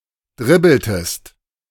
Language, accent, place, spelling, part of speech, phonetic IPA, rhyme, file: German, Germany, Berlin, dribbeltest, verb, [ˈdʁɪbl̩təst], -ɪbl̩təst, De-dribbeltest.ogg
- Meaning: inflection of dribbeln: 1. second-person singular preterite 2. second-person singular subjunctive II